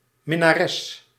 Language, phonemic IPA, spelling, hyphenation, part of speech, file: Dutch, /mɪ.naːˈrɛs/, minnares, min‧na‧res, noun, Nl-minnares.ogg
- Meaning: mistress, female lover